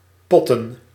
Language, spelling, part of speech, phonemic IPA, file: Dutch, potten, verb / noun, /ˈpɔtə(n)/, Nl-potten.ogg
- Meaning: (verb) to pot: i.e. to knock a ball into a pocket; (noun) plural of pot